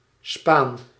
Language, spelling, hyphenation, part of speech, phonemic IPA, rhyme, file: Dutch, spaan, spaan, noun, /spaːn/, -aːn, Nl-spaan.ogg
- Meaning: 1. chip, shaving (of wood or metal) 2. spatula